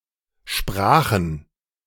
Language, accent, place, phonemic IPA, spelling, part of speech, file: German, Germany, Berlin, /ˈʃpʁaːxn̩/, sprachen, verb, De-sprachen.ogg
- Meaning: first/third-person plural preterite of sprechen